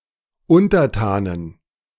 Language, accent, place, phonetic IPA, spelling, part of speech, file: German, Germany, Berlin, [ˈʊntɐˌtaːnən], Untertanen, noun, De-Untertanen.ogg
- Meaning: inflection of Untertan: 1. genitive/dative/accusative singular 2. nominative/genitive/dative/accusative plural